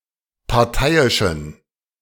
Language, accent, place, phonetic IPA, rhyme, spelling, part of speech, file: German, Germany, Berlin, [paʁˈtaɪ̯ɪʃn̩], -aɪ̯ɪʃn̩, parteiischen, adjective, De-parteiischen.ogg
- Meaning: inflection of parteiisch: 1. strong genitive masculine/neuter singular 2. weak/mixed genitive/dative all-gender singular 3. strong/weak/mixed accusative masculine singular 4. strong dative plural